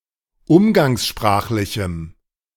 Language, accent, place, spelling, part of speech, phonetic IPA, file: German, Germany, Berlin, umgangssprachlichem, adjective, [ˈʊmɡaŋsˌʃpʁaːxlɪçm̩], De-umgangssprachlichem.ogg
- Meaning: strong dative masculine/neuter singular of umgangssprachlich